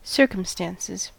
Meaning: plural of circumstance
- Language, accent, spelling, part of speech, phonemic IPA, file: English, US, circumstances, noun, /ˈsɝkəmstænsɪz/, En-us-circumstances.ogg